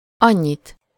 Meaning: accusative singular of annyi
- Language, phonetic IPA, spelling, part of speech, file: Hungarian, [ˈɒɲːit], annyit, pronoun, Hu-annyit.ogg